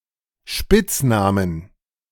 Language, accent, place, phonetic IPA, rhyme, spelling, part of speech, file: German, Germany, Berlin, [ˈʃpɪt͡sˌnaːmən], -ɪt͡snaːmən, Spitznamen, noun, De-Spitznamen.ogg
- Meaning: plural of Spitzname